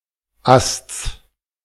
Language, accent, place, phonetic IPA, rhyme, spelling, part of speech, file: German, Germany, Berlin, [ast͡s], -ast͡s, Asts, noun, De-Asts.ogg
- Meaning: genitive singular of Ast